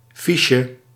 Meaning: 1. chip, token 2. form (blank template on paper) 3. card, like a punch card, microfiche or file card
- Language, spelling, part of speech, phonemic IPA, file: Dutch, fiche, noun, /ˈfiʃə/, Nl-fiche.ogg